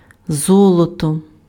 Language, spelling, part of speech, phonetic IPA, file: Ukrainian, золото, noun, [ˈzɔɫɔtɔ], Uk-золото.ogg
- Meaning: gold (element)